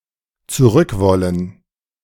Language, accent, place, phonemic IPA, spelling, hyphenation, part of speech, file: German, Germany, Berlin, /t͡suˈʁʏkˌvɔlən/, zurückwollen, zu‧rück‧wol‧len, verb, De-zurückwollen.ogg
- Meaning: 1. to want to go back 2. to want (to have) (something) back